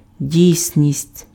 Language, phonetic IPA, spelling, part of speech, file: Ukrainian, [ˈdʲii̯sʲnʲisʲtʲ], дійсність, noun, Uk-дійсність.ogg
- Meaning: 1. reality, actuality 2. validity